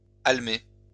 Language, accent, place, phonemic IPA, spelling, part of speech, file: French, France, Lyon, /al.me/, almée, noun, LL-Q150 (fra)-almée.wav
- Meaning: almah (An Egyptian singer or dancing-girl used for entertainment)